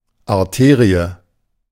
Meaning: artery
- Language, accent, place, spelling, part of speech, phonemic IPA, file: German, Germany, Berlin, Arterie, noun, /aʁˈteːʁiə/, De-Arterie.ogg